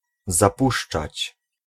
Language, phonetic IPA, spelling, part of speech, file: Polish, [zaˈpuʃt͡ʃat͡ɕ], zapuszczać, verb, Pl-zapuszczać.ogg